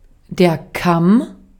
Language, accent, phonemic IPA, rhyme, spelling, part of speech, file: German, Austria, /kam/, -am, Kamm, noun, De-at-Kamm.ogg
- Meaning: 1. comb 2. crest (of various animals), comb (of rooster) 3. shoulder (of pork), neck (of mutton/beef) 4. ridge (of hills, mountains)